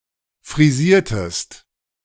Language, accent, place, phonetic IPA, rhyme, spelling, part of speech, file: German, Germany, Berlin, [fʁiˈziːɐ̯təst], -iːɐ̯təst, frisiertest, verb, De-frisiertest.ogg
- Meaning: inflection of frisieren: 1. second-person singular preterite 2. second-person singular subjunctive II